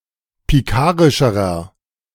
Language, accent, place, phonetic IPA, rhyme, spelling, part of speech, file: German, Germany, Berlin, [piˈkaːʁɪʃəʁɐ], -aːʁɪʃəʁɐ, pikarischerer, adjective, De-pikarischerer.ogg
- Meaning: inflection of pikarisch: 1. strong/mixed nominative masculine singular comparative degree 2. strong genitive/dative feminine singular comparative degree 3. strong genitive plural comparative degree